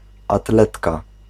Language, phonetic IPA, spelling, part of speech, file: Polish, [aˈtlɛtka], atletka, noun, Pl-atletka.ogg